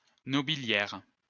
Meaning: nobility
- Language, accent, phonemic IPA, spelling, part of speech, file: French, France, /nɔ.bi.ljɛʁ/, nobiliaire, adjective, LL-Q150 (fra)-nobiliaire.wav